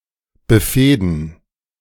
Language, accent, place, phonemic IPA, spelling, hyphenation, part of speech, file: German, Germany, Berlin, /bəˈfeːdn̩/, befehden, be‧feh‧den, verb, De-befehden.ogg
- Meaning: 1. to feud 2. to feud with